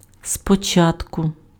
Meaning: 1. first, at first, initially, in the first instance (before something else) 2. afresh, anew, over again, from the top
- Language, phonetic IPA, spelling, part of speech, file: Ukrainian, [spɔˈt͡ʃatkʊ], спочатку, adverb, Uk-спочатку.ogg